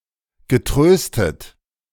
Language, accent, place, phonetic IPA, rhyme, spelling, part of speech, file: German, Germany, Berlin, [ɡəˈtʁøːstət], -øːstət, getröstet, verb, De-getröstet.ogg
- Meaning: past participle of trösten